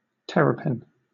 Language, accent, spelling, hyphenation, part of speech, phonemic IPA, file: English, Southern England, terrapin, ter‧ra‧pin, noun, /ˈtɛɹəpɪn/, LL-Q1860 (eng)-terrapin.wav
- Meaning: 1. Any of several small turtles of the families Emydidae and Geoemydidae found throughout the world 2. Any turtle